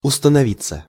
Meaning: 1. to be settled, to be formed, to set in 2. passive of установи́ть (ustanovítʹ)
- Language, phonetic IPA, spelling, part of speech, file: Russian, [ʊstənɐˈvʲit͡sːə], установиться, verb, Ru-установиться.ogg